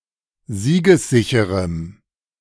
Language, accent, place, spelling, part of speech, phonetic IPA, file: German, Germany, Berlin, siegessicherem, adjective, [ˈziːɡəsˌzɪçəʁəm], De-siegessicherem.ogg
- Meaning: strong dative masculine/neuter singular of siegessicher